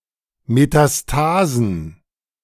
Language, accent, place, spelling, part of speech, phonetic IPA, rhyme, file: German, Germany, Berlin, Metastasen, noun, [metaˈstaːzn̩], -aːzn̩, De-Metastasen.ogg
- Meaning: plural of Metastase